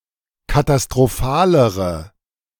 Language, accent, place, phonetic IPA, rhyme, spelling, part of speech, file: German, Germany, Berlin, [katastʁoˈfaːləʁə], -aːləʁə, katastrophalere, adjective, De-katastrophalere.ogg
- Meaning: inflection of katastrophal: 1. strong/mixed nominative/accusative feminine singular comparative degree 2. strong nominative/accusative plural comparative degree